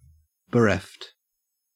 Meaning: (verb) simple past and past participle of bereave; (adjective) 1. Pained by the loss of someone 2. Deprived of, stripped of, robbed of 3. Lacking, devoid of
- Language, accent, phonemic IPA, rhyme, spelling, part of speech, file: English, Australia, /bəˈɹɛft/, -ɛft, bereft, verb / adjective, En-au-bereft.ogg